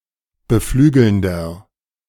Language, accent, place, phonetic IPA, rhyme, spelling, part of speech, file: German, Germany, Berlin, [bəˈflyːɡl̩ndɐ], -yːɡl̩ndɐ, beflügelnder, adjective, De-beflügelnder.ogg
- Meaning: 1. comparative degree of beflügelnd 2. inflection of beflügelnd: strong/mixed nominative masculine singular 3. inflection of beflügelnd: strong genitive/dative feminine singular